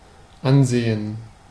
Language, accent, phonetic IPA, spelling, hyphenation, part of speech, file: German, Germany, [ˈanˌzeːn], ansehen, an‧se‧hen, verb, De-ansehen.ogg
- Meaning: 1. to look at, to have a look at (taking in information in doing so) 2. to look at (especially a person; implying eye contact or direction of gaze without analyzing)